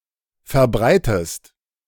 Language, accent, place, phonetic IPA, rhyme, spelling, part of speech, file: German, Germany, Berlin, [fɛɐ̯ˈbʁaɪ̯təst], -aɪ̯təst, verbreitest, verb, De-verbreitest.ogg
- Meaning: inflection of verbreiten: 1. second-person singular present 2. second-person singular subjunctive I